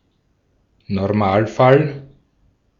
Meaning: rule (normal case)
- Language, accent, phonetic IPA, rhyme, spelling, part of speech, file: German, Austria, [nɔʁˈmaːlˌfal], -aːlfal, Normalfall, noun, De-at-Normalfall.ogg